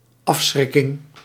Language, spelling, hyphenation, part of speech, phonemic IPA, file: Dutch, afschrikking, af‧schrik‧king, noun, /ˈɑfˌsxrɪ.kɪŋ/, Nl-afschrikking.ogg
- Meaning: deterrence